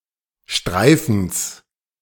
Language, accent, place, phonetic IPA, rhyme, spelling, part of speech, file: German, Germany, Berlin, [ˈʃtʁaɪ̯fn̩s], -aɪ̯fn̩s, Streifens, noun, De-Streifens.ogg
- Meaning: genitive singular of Streifen